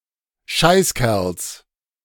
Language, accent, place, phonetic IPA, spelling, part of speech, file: German, Germany, Berlin, [ˈʃaɪ̯sˌkɛʁls], Scheißkerls, noun, De-Scheißkerls.ogg
- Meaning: genitive singular of Scheißkerl